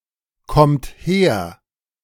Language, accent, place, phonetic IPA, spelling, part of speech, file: German, Germany, Berlin, [ˌkɔmt ˈheːɐ̯], kommt her, verb, De-kommt her.ogg
- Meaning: second-person plural present of herkommen